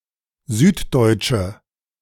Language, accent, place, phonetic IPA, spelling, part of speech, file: German, Germany, Berlin, [ˈzyːtˌdɔɪ̯t͡ʃə], süddeutsche, adjective, De-süddeutsche.ogg
- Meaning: inflection of süddeutsch: 1. strong/mixed nominative/accusative feminine singular 2. strong nominative/accusative plural 3. weak nominative all-gender singular